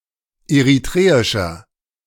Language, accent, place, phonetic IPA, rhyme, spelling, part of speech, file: German, Germany, Berlin, [eʁiˈtʁeːɪʃɐ], -eːɪʃɐ, eritreischer, adjective, De-eritreischer.ogg
- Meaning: inflection of eritreisch: 1. strong/mixed nominative masculine singular 2. strong genitive/dative feminine singular 3. strong genitive plural